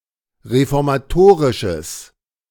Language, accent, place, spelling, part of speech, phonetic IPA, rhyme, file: German, Germany, Berlin, reformatorisches, adjective, [ʁefɔʁmaˈtoːʁɪʃəs], -oːʁɪʃəs, De-reformatorisches.ogg
- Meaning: strong/mixed nominative/accusative neuter singular of reformatorisch